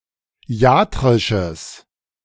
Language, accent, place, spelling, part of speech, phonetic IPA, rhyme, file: German, Germany, Berlin, iatrisches, adjective, [ˈi̯aːtʁɪʃəs], -aːtʁɪʃəs, De-iatrisches.ogg
- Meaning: strong/mixed nominative/accusative neuter singular of iatrisch